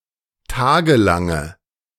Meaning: inflection of tagelang: 1. strong/mixed nominative/accusative feminine singular 2. strong nominative/accusative plural 3. weak nominative all-gender singular
- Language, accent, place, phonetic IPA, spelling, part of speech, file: German, Germany, Berlin, [ˈtaːɡəˌlaŋə], tagelange, adjective, De-tagelange.ogg